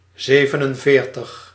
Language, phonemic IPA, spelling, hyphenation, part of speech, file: Dutch, /ˈzeːvənənˌveːrtəx/, zevenenveertig, ze‧ven‧en‧veer‧tig, numeral, Nl-zevenenveertig.ogg
- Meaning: forty-seven